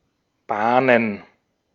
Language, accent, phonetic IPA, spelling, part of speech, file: German, Austria, [ˈbaːnən], Bahnen, noun, De-at-Bahnen.ogg
- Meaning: 1. plural of Bahn 2. gerund of bahnen